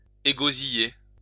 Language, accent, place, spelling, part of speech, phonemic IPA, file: French, France, Lyon, égosiller, verb, /e.ɡo.zi.je/, LL-Q150 (fra)-égosiller.wav
- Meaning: to shout oneself hoarse